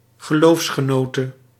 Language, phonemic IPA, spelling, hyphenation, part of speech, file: Dutch, /ɣəˈloːfs.xəˌnoː.tə/, geloofsgenote, ge‧loofs‧ge‧no‧te, noun, Nl-geloofsgenote.ogg
- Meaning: female co-religionist, a woman of the same religion